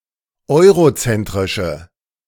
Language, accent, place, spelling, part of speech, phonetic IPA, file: German, Germany, Berlin, eurozentrische, adjective, [ˈɔɪ̯ʁoˌt͡sɛntʁɪʃə], De-eurozentrische.ogg
- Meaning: inflection of eurozentrisch: 1. strong/mixed nominative/accusative feminine singular 2. strong nominative/accusative plural 3. weak nominative all-gender singular